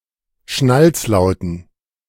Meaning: dative plural of Schnalzlaut
- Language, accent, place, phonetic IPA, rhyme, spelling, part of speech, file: German, Germany, Berlin, [ˈʃnalt͡sˌlaʊ̯tn̩], -alt͡slaʊ̯tn̩, Schnalzlauten, noun, De-Schnalzlauten.ogg